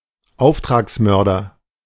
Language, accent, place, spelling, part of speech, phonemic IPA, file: German, Germany, Berlin, Auftragsmörder, noun, /ˈaʊ̯ftʁaksˌmœʁdɐ/, De-Auftragsmörder.ogg
- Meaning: A contract killer, hitman (male or of unspecified gender) (e.g., paid by mobsters to assassinate any designated target)